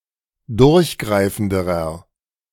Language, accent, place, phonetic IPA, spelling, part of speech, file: German, Germany, Berlin, [ˈdʊʁçˌɡʁaɪ̯fn̩dəʁɐ], durchgreifenderer, adjective, De-durchgreifenderer.ogg
- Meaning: inflection of durchgreifend: 1. strong/mixed nominative masculine singular comparative degree 2. strong genitive/dative feminine singular comparative degree